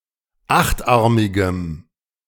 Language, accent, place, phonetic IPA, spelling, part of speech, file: German, Germany, Berlin, [ˈaxtˌʔaʁmɪɡəm], achtarmigem, adjective, De-achtarmigem.ogg
- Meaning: strong dative masculine/neuter singular of achtarmig